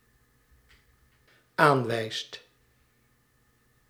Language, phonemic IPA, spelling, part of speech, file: Dutch, /ˈaɱwɛist/, aanwijst, verb, Nl-aanwijst.ogg
- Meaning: second/third-person singular dependent-clause present indicative of aanwijzen